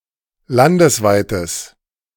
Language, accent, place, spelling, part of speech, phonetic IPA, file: German, Germany, Berlin, landesweites, adjective, [ˈlandəsˌvaɪ̯təs], De-landesweites.ogg
- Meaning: strong/mixed nominative/accusative neuter singular of landesweit